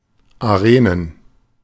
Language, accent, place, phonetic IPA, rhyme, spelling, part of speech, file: German, Germany, Berlin, [aˈʁeːnən], -eːnən, Arenen, noun, De-Arenen.ogg
- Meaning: plural of Arena